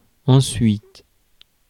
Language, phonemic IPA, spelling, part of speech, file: French, /ɑ̃.sɥit/, ensuite, adverb, Fr-ensuite.ogg
- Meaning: in turn, subsequently, thereafter, then